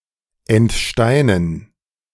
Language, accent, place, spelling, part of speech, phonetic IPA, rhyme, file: German, Germany, Berlin, entsteinen, verb, [ɛntˈʃtaɪ̯nən], -aɪ̯nən, De-entsteinen.ogg
- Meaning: to pit; to remove the pit of (an apricot, cherry, etc)